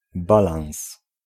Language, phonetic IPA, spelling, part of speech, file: Polish, [ˈbalãw̃s], balans, noun, Pl-balans.ogg